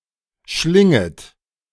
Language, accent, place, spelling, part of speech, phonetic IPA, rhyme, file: German, Germany, Berlin, schlinget, verb, [ˈʃlɪŋət], -ɪŋət, De-schlinget.ogg
- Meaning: second-person plural subjunctive I of schlingen